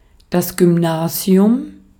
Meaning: grammar school (UK), prep school (US) (school used to prepare students for university)
- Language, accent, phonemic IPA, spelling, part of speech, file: German, Austria, /ɡʏmˈnaːziʊm/, Gymnasium, noun, De-at-Gymnasium.ogg